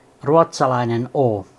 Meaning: The twenty-sixth letter of the Finnish alphabet, called ruotsalainen oo and written in the Latin script
- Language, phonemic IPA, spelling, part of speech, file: Finnish, /o/, å, character, Fi-å.ogg